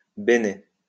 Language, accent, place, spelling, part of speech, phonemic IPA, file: French, France, Lyon, bene, adverb, /be.ne/, LL-Q150 (fra)-bene.wav
- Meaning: well